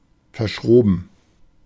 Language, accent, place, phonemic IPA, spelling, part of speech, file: German, Germany, Berlin, /fɛɐ̯ˈʃroːbn̩/, verschroben, adjective, De-verschroben.ogg
- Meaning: eccentric, cranky